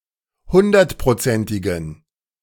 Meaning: inflection of hundertprozentig: 1. strong genitive masculine/neuter singular 2. weak/mixed genitive/dative all-gender singular 3. strong/weak/mixed accusative masculine singular
- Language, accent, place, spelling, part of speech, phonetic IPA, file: German, Germany, Berlin, hundertprozentigen, adjective, [ˈhʊndɐtpʁoˌt͡sɛntɪɡn̩], De-hundertprozentigen.ogg